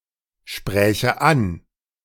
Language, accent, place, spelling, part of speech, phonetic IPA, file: German, Germany, Berlin, spräche an, verb, [ˌʃpʁɛːçə ˈan], De-spräche an.ogg
- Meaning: first/third-person singular subjunctive II of ansprechen